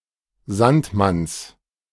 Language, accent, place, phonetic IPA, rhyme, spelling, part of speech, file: German, Germany, Berlin, [ˈzantˌmans], -antmans, Sandmanns, noun, De-Sandmanns.ogg
- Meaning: genitive singular of Sandmann